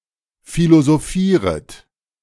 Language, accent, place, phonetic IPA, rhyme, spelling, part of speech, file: German, Germany, Berlin, [ˌfilozoˈfiːʁət], -iːʁət, philosophieret, verb, De-philosophieret.ogg
- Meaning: second-person plural subjunctive I of philosophieren